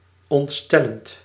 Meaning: present participle of ontstellen
- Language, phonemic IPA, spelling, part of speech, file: Dutch, /ɔntˈstɛlənt/, ontstellend, verb / adjective, Nl-ontstellend.ogg